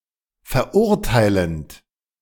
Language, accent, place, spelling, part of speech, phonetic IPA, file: German, Germany, Berlin, verurteilend, verb, [fɛɐ̯ˈʔʊʁtaɪ̯lənt], De-verurteilend.ogg
- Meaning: present participle of verurteilen